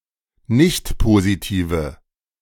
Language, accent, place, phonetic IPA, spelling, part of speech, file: German, Germany, Berlin, [ˈnɪçtpoziˌtiːvə], nichtpositive, adjective, De-nichtpositive.ogg
- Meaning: inflection of nichtpositiv: 1. strong/mixed nominative/accusative feminine singular 2. strong nominative/accusative plural 3. weak nominative all-gender singular